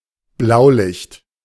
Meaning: 1. flashing or rotating emergency light (usually on a vehicle) 2. emergency vehicle(s) (with such flashing lights)
- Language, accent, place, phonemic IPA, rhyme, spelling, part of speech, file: German, Germany, Berlin, /ˈblaʊ̯ˌlɪçt/, -ɪçt, Blaulicht, noun, De-Blaulicht.ogg